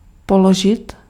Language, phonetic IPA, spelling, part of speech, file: Czech, [ˈpoloʒɪt], položit, verb, Cs-položit.ogg
- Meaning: to lay, put